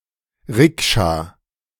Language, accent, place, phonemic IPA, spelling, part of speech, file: German, Germany, Berlin, /ˈʁɪkʃa/, Rikscha, noun, De-Rikscha.ogg
- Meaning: rickshaw